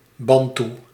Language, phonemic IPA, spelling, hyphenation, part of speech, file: Dutch, /ˈbɑn.tu/, Bantoe, Ban‧toe, proper noun / adjective / noun, Nl-Bantoe.ogg
- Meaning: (proper noun) Bantu, the Bantu languages; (adjective) Bantu; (noun) a Bantu person